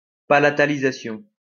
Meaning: palatalization
- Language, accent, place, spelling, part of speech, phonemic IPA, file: French, France, Lyon, palatalisation, noun, /pa.la.ta.li.za.sjɔ̃/, LL-Q150 (fra)-palatalisation.wav